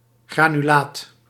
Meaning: granulate
- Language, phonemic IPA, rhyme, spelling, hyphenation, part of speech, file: Dutch, /ˌɣraː.nyˈlaːt/, -aːt, granulaat, gra‧nu‧laat, noun, Nl-granulaat.ogg